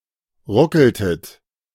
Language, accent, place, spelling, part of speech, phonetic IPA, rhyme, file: German, Germany, Berlin, ruckeltet, verb, [ˈʁʊkl̩tət], -ʊkl̩tət, De-ruckeltet.ogg
- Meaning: inflection of ruckeln: 1. second-person plural preterite 2. second-person plural subjunctive II